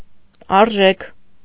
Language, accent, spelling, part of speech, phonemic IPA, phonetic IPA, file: Armenian, Eastern Armenian, արժեք, noun / verb, /ɑɾˈʒekʰ/, [ɑɾʒékʰ], Hy-արժեք.ogg
- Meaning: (noun) 1. value, worth, cost, price 2. value (ideal accepted by some individual or group); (verb) second-person plural present of արժել (aržel)